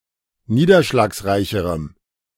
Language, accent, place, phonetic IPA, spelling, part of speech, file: German, Germany, Berlin, [ˈniːdɐʃlaːksˌʁaɪ̯çəʁəm], niederschlagsreicherem, adjective, De-niederschlagsreicherem.ogg
- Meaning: strong dative masculine/neuter singular comparative degree of niederschlagsreich